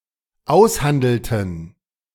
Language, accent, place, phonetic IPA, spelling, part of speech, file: German, Germany, Berlin, [ˈaʊ̯sˌhandl̩tn̩], aushandelten, verb, De-aushandelten.ogg
- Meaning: inflection of aushandeln: 1. first/third-person plural dependent preterite 2. first/third-person plural dependent subjunctive II